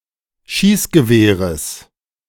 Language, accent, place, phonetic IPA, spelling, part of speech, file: German, Germany, Berlin, [ˈʃiːsɡəˌveːʁəs], Schießgewehres, noun, De-Schießgewehres.ogg
- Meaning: genitive of Schießgewehr